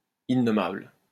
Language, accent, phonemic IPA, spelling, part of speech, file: French, France, /i.nɔ.mabl/, innommable, adjective, LL-Q150 (fra)-innommable.wav
- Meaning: 1. unnameable 2. unspeakable